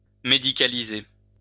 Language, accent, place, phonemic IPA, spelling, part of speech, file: French, France, Lyon, /me.di.ka.li.ze/, médicaliser, verb, LL-Q150 (fra)-médicaliser.wav
- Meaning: to medicalize